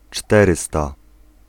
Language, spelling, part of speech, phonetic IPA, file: Polish, czterysta, adjective, [ˈt͡ʃtɛrɨsta], Pl-czterysta.ogg